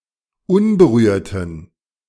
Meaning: inflection of unberührt: 1. strong genitive masculine/neuter singular 2. weak/mixed genitive/dative all-gender singular 3. strong/weak/mixed accusative masculine singular 4. strong dative plural
- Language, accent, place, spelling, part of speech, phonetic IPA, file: German, Germany, Berlin, unberührten, adjective, [ˈʊnbəˌʁyːɐ̯tn̩], De-unberührten.ogg